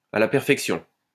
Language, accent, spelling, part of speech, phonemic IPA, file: French, France, à la perfection, adverb, /a la pɛʁ.fɛk.sjɔ̃/, LL-Q150 (fra)-à la perfection.wav
- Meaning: to a T, to perfection, to a nicety, pat (perfectly)